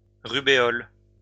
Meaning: rubella
- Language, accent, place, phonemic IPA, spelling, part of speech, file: French, France, Lyon, /ʁy.be.ɔl/, rubéole, noun, LL-Q150 (fra)-rubéole.wav